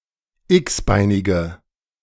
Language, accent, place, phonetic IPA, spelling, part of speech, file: German, Germany, Berlin, [ˈɪksˌbaɪ̯nɪɡə], x-beinige, adjective, De-x-beinige.ogg
- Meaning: inflection of x-beinig: 1. strong/mixed nominative/accusative feminine singular 2. strong nominative/accusative plural 3. weak nominative all-gender singular